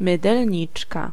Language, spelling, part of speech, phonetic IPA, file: Polish, mydelniczka, noun, [ˌmɨdɛlʲˈɲit͡ʃka], Pl-mydelniczka.ogg